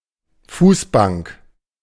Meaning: footstool
- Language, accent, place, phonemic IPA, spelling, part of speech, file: German, Germany, Berlin, /ˈfuːsˌbaŋk/, Fußbank, noun, De-Fußbank.ogg